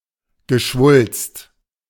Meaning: tumor
- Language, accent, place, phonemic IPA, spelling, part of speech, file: German, Germany, Berlin, /ɡəˈʃvʊlst/, Geschwulst, noun, De-Geschwulst.ogg